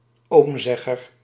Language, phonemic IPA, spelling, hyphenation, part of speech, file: Dutch, /ˈoːmˌzɛ.ɣər/, oomzegger, oom‧zeg‧ger, noun, Nl-oomzegger.ogg
- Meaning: nephew, especially in relation to an uncle